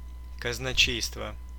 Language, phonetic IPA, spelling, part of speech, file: Russian, [kəznɐˈt͡ɕejstvə], казначейство, noun, Ru-казначе́йство.ogg
- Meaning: treasury, exchequer